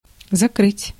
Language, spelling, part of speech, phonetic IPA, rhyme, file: Russian, закрыть, verb, [zɐˈkrɨtʲ], -ɨtʲ, Ru-закрыть.ogg
- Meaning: 1. to cover, to hide 2. to close, to shut 3. to shut down 4. to lock up, put away (put in jail)